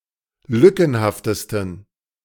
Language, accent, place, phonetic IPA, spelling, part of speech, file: German, Germany, Berlin, [ˈlʏkn̩haftəstn̩], lückenhaftesten, adjective, De-lückenhaftesten.ogg
- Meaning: 1. superlative degree of lückenhaft 2. inflection of lückenhaft: strong genitive masculine/neuter singular superlative degree